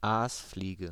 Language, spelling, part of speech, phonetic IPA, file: German, Aasfliege, noun, [ˈaːsˌfliːɡə], De-Aasfliege.ogg
- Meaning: 1. blowfly (insect of the family Calliphoridae) 2. flesh-fly (Sarcophaga carnaria) 3. a person with a habit of exploiting other people